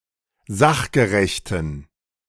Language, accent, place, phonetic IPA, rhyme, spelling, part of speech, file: German, Germany, Berlin, [ˈzaxɡəʁɛçtn̩], -axɡəʁɛçtn̩, sachgerechten, adjective, De-sachgerechten.ogg
- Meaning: inflection of sachgerecht: 1. strong genitive masculine/neuter singular 2. weak/mixed genitive/dative all-gender singular 3. strong/weak/mixed accusative masculine singular 4. strong dative plural